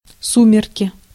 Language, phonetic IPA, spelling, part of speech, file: Russian, [ˈsumʲɪrkʲɪ], сумерки, noun, Ru-сумерки.ogg
- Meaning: 1. dusk, twilight 2. twilight, fading